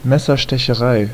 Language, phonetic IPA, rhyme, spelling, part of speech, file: German, [ˌmɛsɐʃtɛçəˈʁaɪ̯], -aɪ̯, Messerstecherei, noun, De-Messerstecherei.ogg
- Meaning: stabbing, knife fight; knifing